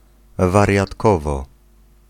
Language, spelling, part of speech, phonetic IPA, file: Polish, wariatkowo, noun, [ˌvarʲjatˈkɔvɔ], Pl-wariatkowo.ogg